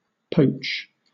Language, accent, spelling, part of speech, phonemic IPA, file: English, Southern England, poach, verb / noun, /ˈpoʊt͡ʃ/, LL-Q1860 (eng)-poach.wav
- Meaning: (verb) 1. To cook (something) in simmering or very hot liquid (usually water; sometimes wine, broth, or otherwise) 2. To be cooked in such manner; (noun) The act of cooking in simmering liquid